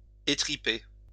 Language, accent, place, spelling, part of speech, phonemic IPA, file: French, France, Lyon, étriper, verb, /e.tʁi.pe/, LL-Q150 (fra)-étriper.wav
- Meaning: 1. to gut, disembowel 2. to thrash (defeat convincingly)